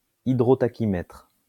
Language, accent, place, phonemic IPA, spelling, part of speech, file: French, France, Lyon, /i.dʁɔ.ta.ki.mɛtʁ/, hydrotachymètre, noun, LL-Q150 (fra)-hydrotachymètre.wav
- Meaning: hydrotachymeter